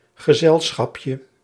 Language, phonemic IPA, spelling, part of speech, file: Dutch, /ɣəˈzɛlsxɑpjə/, gezelschapje, noun, Nl-gezelschapje.ogg
- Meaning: diminutive of gezelschap